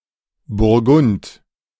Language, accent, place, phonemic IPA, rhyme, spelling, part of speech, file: German, Germany, Berlin, /bʊʁˈɡʊnt/, -ʊnt, Burgund, proper noun / noun, De-Burgund.ogg
- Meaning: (proper noun) Burgundy (a historical region and former administrative region of France; since 2016, part of the administrative region of Bourgogne-Franche-Comté)